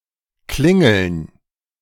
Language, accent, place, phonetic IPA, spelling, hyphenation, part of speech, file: German, Germany, Berlin, [ˈklɪŋl̩n], Klingeln, Klin‧geln, noun, De-Klingeln.ogg
- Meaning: 1. gerund of klingeln 2. plural of Klingel